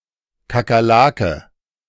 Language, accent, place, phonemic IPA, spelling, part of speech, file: German, Germany, Berlin, /ˌka(ː)kɐˈlaːkə/, Kakerlake, noun, De-Kakerlake.ogg
- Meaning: cockroach (insect)